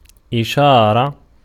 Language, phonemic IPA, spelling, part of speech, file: Arabic, /ʔi.ʃaː.ra/, إشارة, noun, Ar-إشارة.ogg
- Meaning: 1. verbal noun of أَشَارَ (ʔašāra) (form IV) 2. sign, signal 3. pointing to 4. allusion 5. ellipsis of إِشَارَة مُرُور (ʔišārat murūr, “traffic signal, traffic light”) 6. advice 7. command